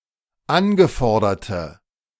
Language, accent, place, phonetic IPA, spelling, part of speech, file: German, Germany, Berlin, [ˈanɡəˌfɔʁdɐtə], angeforderte, adjective, De-angeforderte.ogg
- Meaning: inflection of angefordert: 1. strong/mixed nominative/accusative feminine singular 2. strong nominative/accusative plural 3. weak nominative all-gender singular